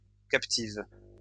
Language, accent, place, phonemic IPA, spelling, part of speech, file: French, France, Lyon, /kap.tiv/, captive, noun / verb, LL-Q150 (fra)-captive.wav
- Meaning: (noun) female captive; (verb) inflection of captiver: 1. first/third-person singular present indicative/subjunctive 2. second-person singular imperative